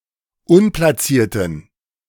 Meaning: inflection of unplatziert: 1. strong genitive masculine/neuter singular 2. weak/mixed genitive/dative all-gender singular 3. strong/weak/mixed accusative masculine singular 4. strong dative plural
- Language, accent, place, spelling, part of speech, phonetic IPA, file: German, Germany, Berlin, unplatzierten, adjective, [ˈʊnplaˌt͡siːɐ̯tn̩], De-unplatzierten.ogg